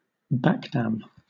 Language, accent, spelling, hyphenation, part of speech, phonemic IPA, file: English, Southern England, backdam, back‧dam, noun, /ˈbækdæm/, LL-Q1860 (eng)-backdam.wav
- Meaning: 1. A dam that lies to the rear of something 2. A region of rural, undeveloped land, especially on the outskirts of a farm